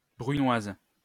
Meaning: brunoise
- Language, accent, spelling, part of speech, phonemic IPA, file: French, France, brunoise, noun, /bʁy.nwaz/, LL-Q150 (fra)-brunoise.wav